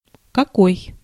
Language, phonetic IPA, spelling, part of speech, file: Russian, [kɐˈkoj], какой, determiner / pronoun / adverb, Ru-какой.ogg
- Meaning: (determiner) 1. what 2. what, which 3. what kind/type/sort of 4. some, some kind(s) of; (pronoun) 1. what, what one 2. what, what one, which, which one 3. what kind/type/sort 4. like what, how